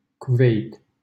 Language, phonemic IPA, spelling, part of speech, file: Romanian, /kuˈvejt/, Kuweit, proper noun, LL-Q7913 (ron)-Kuweit.wav
- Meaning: Kuwait (a country in West Asia in the Middle East)